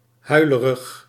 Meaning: weepy, prone to crying
- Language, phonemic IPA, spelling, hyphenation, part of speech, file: Dutch, /ˈɦœy̯.lə.rəx/, huilerig, hui‧le‧rig, adjective, Nl-huilerig.ogg